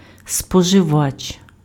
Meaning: consumer
- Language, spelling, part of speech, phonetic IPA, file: Ukrainian, споживач, noun, [spɔʒeˈʋat͡ʃ], Uk-споживач.ogg